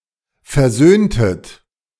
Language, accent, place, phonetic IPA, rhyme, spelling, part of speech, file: German, Germany, Berlin, [fɛɐ̯ˈzøːntət], -øːntət, versöhntet, verb, De-versöhntet.ogg
- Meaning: inflection of versöhnen: 1. second-person plural preterite 2. second-person plural subjunctive II